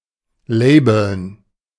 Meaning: to label
- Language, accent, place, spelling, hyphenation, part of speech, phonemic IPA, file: German, Germany, Berlin, labeln, la‧beln, verb, /ˈlɛɪ̯bl̩n/, De-labeln.ogg